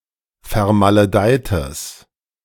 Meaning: strong/mixed nominative/accusative neuter singular of vermaledeit
- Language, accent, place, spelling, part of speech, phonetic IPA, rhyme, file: German, Germany, Berlin, vermaledeites, adjective, [fɛɐ̯maləˈdaɪ̯təs], -aɪ̯təs, De-vermaledeites.ogg